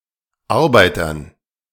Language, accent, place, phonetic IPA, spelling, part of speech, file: German, Germany, Berlin, [ˈaʁbaɪ̯tɐn], Arbeitern, noun, De-Arbeitern.ogg
- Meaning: dative plural of Arbeiter